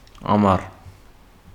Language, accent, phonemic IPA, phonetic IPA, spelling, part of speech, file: Armenian, Eastern Armenian, /ɑˈmɑr/, [ɑmɑ́r], ամառ, noun, Hy-ամառ.ogg
- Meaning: summer